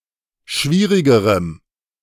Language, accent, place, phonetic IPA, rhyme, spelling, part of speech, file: German, Germany, Berlin, [ˈʃviːʁɪɡəʁəm], -iːʁɪɡəʁəm, schwierigerem, adjective, De-schwierigerem.ogg
- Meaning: strong dative masculine/neuter singular comparative degree of schwierig